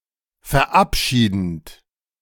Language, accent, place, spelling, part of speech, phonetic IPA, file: German, Germany, Berlin, verabschiedend, verb, [fɛɐ̯ˈʔapˌʃiːdn̩t], De-verabschiedend.ogg
- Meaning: present participle of verabschieden